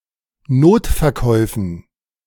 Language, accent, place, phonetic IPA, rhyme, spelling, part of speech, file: German, Germany, Berlin, [ˈnoːtfɛɐ̯ˌkɔɪ̯fn̩], -oːtfɛɐ̯kɔɪ̯fn̩, Notverkäufen, noun, De-Notverkäufen.ogg
- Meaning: dative plural of Notverkauf